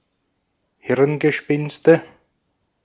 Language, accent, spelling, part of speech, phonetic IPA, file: German, Austria, Hirngespinste, noun, [ˈhɪʁnɡəˌʃpɪnstə], De-at-Hirngespinste.ogg
- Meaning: nominative/accusative/genitive plural of Hirngespinst